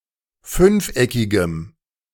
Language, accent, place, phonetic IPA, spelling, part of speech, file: German, Germany, Berlin, [ˈfʏnfˌʔɛkɪɡəm], fünfeckigem, adjective, De-fünfeckigem.ogg
- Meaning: strong dative masculine/neuter singular of fünfeckig